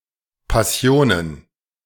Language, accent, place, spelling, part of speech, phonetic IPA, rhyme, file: German, Germany, Berlin, Passionen, noun, [paˈsi̯oːnən], -oːnən, De-Passionen.ogg
- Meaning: plural of Passion